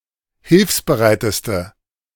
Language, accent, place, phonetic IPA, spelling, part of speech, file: German, Germany, Berlin, [ˈhɪlfsbəˌʁaɪ̯təstə], hilfsbereiteste, adjective, De-hilfsbereiteste.ogg
- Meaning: inflection of hilfsbereit: 1. strong/mixed nominative/accusative feminine singular superlative degree 2. strong nominative/accusative plural superlative degree